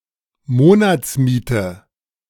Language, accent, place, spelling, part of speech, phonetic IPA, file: German, Germany, Berlin, Monatsmiete, noun, [ˈmoːnat͡sˌmiːtə], De-Monatsmiete.ogg
- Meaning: monthly rent